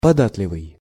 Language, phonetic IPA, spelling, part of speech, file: Russian, [pɐˈdatlʲɪvɨj], податливый, adjective, Ru-податливый.ogg
- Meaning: pliant, pliable, complaisant